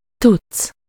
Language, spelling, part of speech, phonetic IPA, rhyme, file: Hungarian, tudsz, verb, [ˈtut͡sː], -ut͡sː, Hu-tudsz.ogg
- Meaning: second-person singular indicative present indefinite of tud